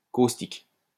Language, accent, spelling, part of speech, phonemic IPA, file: French, France, caustique, adjective, /kos.tik/, LL-Q150 (fra)-caustique.wav
- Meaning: 1. caustic (capable of burning, corroding or destroying organic tissue) 2. caustic, scathing, biting, pungent